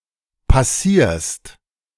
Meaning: second-person singular present of passieren
- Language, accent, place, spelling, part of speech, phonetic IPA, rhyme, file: German, Germany, Berlin, passierst, verb, [paˈsiːɐ̯st], -iːɐ̯st, De-passierst.ogg